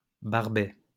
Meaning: barbet (all senses)
- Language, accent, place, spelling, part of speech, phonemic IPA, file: French, France, Lyon, barbet, noun, /baʁ.bɛ/, LL-Q150 (fra)-barbet.wav